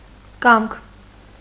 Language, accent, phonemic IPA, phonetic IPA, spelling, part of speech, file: Armenian, Eastern Armenian, /kɑmkʰ/, [kɑmkʰ], կամք, noun, Hy-կամք.ogg
- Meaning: 1. will 2. wish, desire 3. desire, drive, determination 4. goodwill, benevolence, grace 5. intention, purpose, aim 6. whim, impulse, caprice